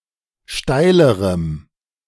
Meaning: strong dative masculine/neuter singular comparative degree of steil
- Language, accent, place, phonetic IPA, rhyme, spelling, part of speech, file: German, Germany, Berlin, [ˈʃtaɪ̯ləʁəm], -aɪ̯ləʁəm, steilerem, adjective, De-steilerem.ogg